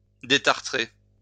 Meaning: to descale
- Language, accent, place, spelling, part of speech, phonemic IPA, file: French, France, Lyon, détartrer, verb, /de.taʁ.tʁe/, LL-Q150 (fra)-détartrer.wav